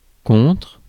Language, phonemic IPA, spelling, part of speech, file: French, /kɔ̃tʁ/, contre, preposition / verb / noun, Fr-contre.ogg
- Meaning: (preposition) 1. against (in physical contact with) 2. against (not in favor of) 3. against (having as an opponent) 4. as against (as opposed to, compared to, in contrast with) 5. in exchange for